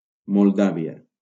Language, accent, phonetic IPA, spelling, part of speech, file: Catalan, Valencia, [molˈda.vi.a], Moldàvia, proper noun, LL-Q7026 (cat)-Moldàvia.wav
- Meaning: 1. Moldova (a country in Eastern Europe) 2. Moldavia (a former principality in Eastern Europe, which occupied a region now made up of the country of Moldova and northeastern Romania)